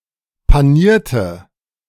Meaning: inflection of panieren: 1. first/third-person singular preterite 2. first/third-person singular subjunctive II
- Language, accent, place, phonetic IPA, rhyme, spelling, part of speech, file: German, Germany, Berlin, [paˈniːɐ̯tə], -iːɐ̯tə, panierte, adjective / verb, De-panierte.ogg